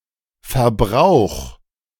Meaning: 1. singular imperative of verbrauchen 2. first-person singular present of verbrauchen
- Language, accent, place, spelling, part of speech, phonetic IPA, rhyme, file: German, Germany, Berlin, verbrauch, verb, [fɛɐ̯ˈbʁaʊ̯x], -aʊ̯x, De-verbrauch.ogg